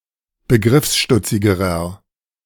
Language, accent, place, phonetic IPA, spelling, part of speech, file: German, Germany, Berlin, [bəˈɡʁɪfsˌʃtʊt͡sɪɡəʁɐ], begriffsstutzigerer, adjective, De-begriffsstutzigerer.ogg
- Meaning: inflection of begriffsstutzig: 1. strong/mixed nominative masculine singular comparative degree 2. strong genitive/dative feminine singular comparative degree